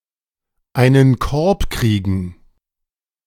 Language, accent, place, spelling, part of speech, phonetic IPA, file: German, Germany, Berlin, einen Korb kriegen, verb, [aɪ̯nən ˈkɔʁp ˈkʁiːɡŋ̍], De-einen Korb kriegen.ogg
- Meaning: to be (romantically) rejected